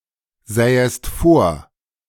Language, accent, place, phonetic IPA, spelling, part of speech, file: German, Germany, Berlin, [ˌzɛːəst ˈfoːɐ̯], sähest vor, verb, De-sähest vor.ogg
- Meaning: second-person singular subjunctive II of vorsehen